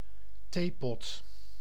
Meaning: teapot
- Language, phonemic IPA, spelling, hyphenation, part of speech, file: Dutch, /ˈteː.pɔt/, theepot, thee‧pot, noun, Nl-theepot.ogg